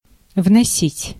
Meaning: 1. to carry in, to bring in 2. to pay in, to deposit 3. to bring in / about, to cause, to introduce 4. to enter, to include, to insert
- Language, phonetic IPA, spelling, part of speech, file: Russian, [vnɐˈsʲitʲ], вносить, verb, Ru-вносить.ogg